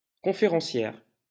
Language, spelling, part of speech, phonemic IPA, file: French, conférencière, noun, /kɔ̃.fe.ʁɑ̃.sjɛʁ/, LL-Q150 (fra)-conférencière.wav
- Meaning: female equivalent of conférencier